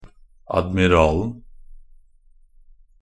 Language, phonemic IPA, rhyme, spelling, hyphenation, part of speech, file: Norwegian Bokmål, /admɪˈrɑːln̩/, -ɑːln̩, admiralen, ad‧mi‧ral‧en, noun, Nb-admiralen.ogg
- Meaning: definite singular of admiral